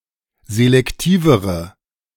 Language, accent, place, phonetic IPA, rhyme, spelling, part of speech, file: German, Germany, Berlin, [zelɛkˈtiːvəʁə], -iːvəʁə, selektivere, adjective, De-selektivere.ogg
- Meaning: inflection of selektiv: 1. strong/mixed nominative/accusative feminine singular comparative degree 2. strong nominative/accusative plural comparative degree